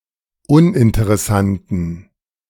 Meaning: inflection of uninteressant: 1. strong genitive masculine/neuter singular 2. weak/mixed genitive/dative all-gender singular 3. strong/weak/mixed accusative masculine singular 4. strong dative plural
- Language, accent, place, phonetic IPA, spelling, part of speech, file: German, Germany, Berlin, [ˈʊnʔɪntəʁɛˌsantn̩], uninteressanten, adjective, De-uninteressanten.ogg